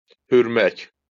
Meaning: to bark
- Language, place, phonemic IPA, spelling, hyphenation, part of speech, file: Azerbaijani, Baku, /hyrmæk/, hürmək, hür‧mək, verb, LL-Q9292 (aze)-hürmək.wav